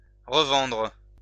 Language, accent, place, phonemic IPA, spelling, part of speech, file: French, France, Lyon, /ʁə.vɑ̃dʁ/, revendre, verb, LL-Q150 (fra)-revendre.wav
- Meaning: resell, sell again